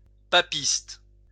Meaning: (adjective) papist, papistic, Roman Catholic; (noun) papist, Roman Catholic
- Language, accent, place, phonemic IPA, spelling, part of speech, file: French, France, Lyon, /pa.pist/, papiste, adjective / noun, LL-Q150 (fra)-papiste.wav